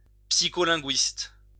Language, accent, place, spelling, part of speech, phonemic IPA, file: French, France, Lyon, psycholinguiste, noun, /psi.kɔ.lɛ̃.ɡɥist/, LL-Q150 (fra)-psycholinguiste.wav
- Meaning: psycholinguist